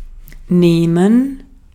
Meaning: 1. to take (something into one's possession or on one's body) 2. to take from 3. to hold (in one's hands), to grasp
- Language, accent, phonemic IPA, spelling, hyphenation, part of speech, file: German, Austria, /ˈneːmɛn/, nehmen, neh‧men, verb, De-at-nehmen.ogg